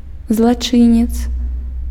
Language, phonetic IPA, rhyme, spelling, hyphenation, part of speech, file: Belarusian, [zɫaˈt͡ʂɨnʲet͡s], -ɨnʲet͡s, злачынец, зла‧чы‧нец, noun, Be-злачынец.ogg
- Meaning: criminal (one who has committed a crime)